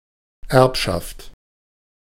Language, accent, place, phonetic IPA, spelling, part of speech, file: German, Germany, Berlin, [ˈɛʁpʃaft], Erbschaft, noun, De-Erbschaft.ogg
- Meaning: 1. estate (of inheritance) 2. heritage